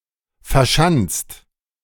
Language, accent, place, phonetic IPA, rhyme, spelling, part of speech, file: German, Germany, Berlin, [fɛɐ̯ˈʃant͡st], -ant͡st, verschanzt, verb, De-verschanzt.ogg
- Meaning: 1. past participle of verschanzen 2. inflection of verschanzen: third-person singular present 3. inflection of verschanzen: second-person plural present 4. inflection of verschanzen: plural imperative